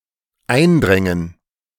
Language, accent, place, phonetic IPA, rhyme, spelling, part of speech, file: German, Germany, Berlin, [ˈaɪ̯nˌdʁɛŋən], -aɪ̯ndʁɛŋən, eindrängen, verb, De-eindrängen.ogg
- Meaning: first/third-person plural dependent subjunctive II of eindringen